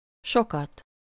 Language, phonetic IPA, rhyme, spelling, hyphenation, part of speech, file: Hungarian, [ˈʃokɒt], -ɒt, sokat, so‧kat, adjective / adverb, Hu-sokat.ogg
- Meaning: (adjective) accusative singular of sok; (adverb) many times, frequently, often, a lot